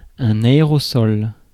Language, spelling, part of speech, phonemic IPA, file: French, aérosol, noun, /a.e.ʁɔ.sɔl/, Fr-aérosol.ogg
- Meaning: aerosol